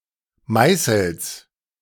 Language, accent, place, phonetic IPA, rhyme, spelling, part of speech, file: German, Germany, Berlin, [ˈmaɪ̯sl̩s], -aɪ̯sl̩s, Meißels, noun, De-Meißels.ogg
- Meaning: genitive singular of Meißel